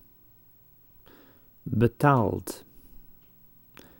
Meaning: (verb) past participle of betalen; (adjective) nonfree, paid, for payment
- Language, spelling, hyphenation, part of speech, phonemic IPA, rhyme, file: Dutch, betaald, be‧taald, verb / adjective, /bəˈtaːlt/, -aːlt, Nl-betaald.ogg